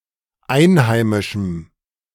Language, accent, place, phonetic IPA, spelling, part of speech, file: German, Germany, Berlin, [ˈaɪ̯nˌhaɪ̯mɪʃm̩], einheimischem, adjective, De-einheimischem.ogg
- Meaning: strong dative masculine/neuter singular of einheimisch